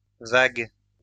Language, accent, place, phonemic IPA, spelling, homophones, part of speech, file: French, France, Lyon, /vaɡ/, vagues, vague, adjective / noun, LL-Q150 (fra)-vagues.wav
- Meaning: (adjective) plural of vague